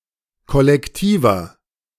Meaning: 1. comparative degree of kollektiv 2. inflection of kollektiv: strong/mixed nominative masculine singular 3. inflection of kollektiv: strong genitive/dative feminine singular
- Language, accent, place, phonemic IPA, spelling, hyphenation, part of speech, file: German, Germany, Berlin, /kɔlɛkˈtiːvɐ/, kollektiver, kol‧lek‧ti‧ver, adjective, De-kollektiver.ogg